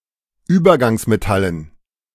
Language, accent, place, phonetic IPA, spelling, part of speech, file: German, Germany, Berlin, [ˈyːbɐɡaŋsmeˌtalən], Übergangsmetallen, noun, De-Übergangsmetallen.ogg
- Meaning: dative plural of Übergangsmetall